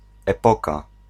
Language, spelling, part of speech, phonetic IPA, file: Polish, epoka, noun, [ɛˈpɔka], Pl-epoka.ogg